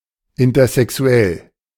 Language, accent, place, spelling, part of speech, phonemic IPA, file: German, Germany, Berlin, intersexuell, adjective, /ˌɪntɐzɛˈksu̯ɛl/, De-intersexuell.ogg
- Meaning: intersexual